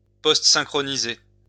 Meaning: to dub (add sound to a film)
- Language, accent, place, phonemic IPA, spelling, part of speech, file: French, France, Lyon, /pɔst.sɛ̃.kʁɔ.ni.ze/, postsynchroniser, verb, LL-Q150 (fra)-postsynchroniser.wav